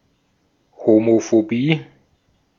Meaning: homophobia
- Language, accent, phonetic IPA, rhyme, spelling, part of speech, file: German, Austria, [homofoˈbiː], -iː, Homophobie, noun, De-at-Homophobie.ogg